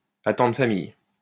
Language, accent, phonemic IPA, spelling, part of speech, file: French, France, /a.tɑ̃.dʁə fa.mij/, attendre famille, verb, LL-Q150 (fra)-attendre famille.wav
- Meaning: to be expecting a baby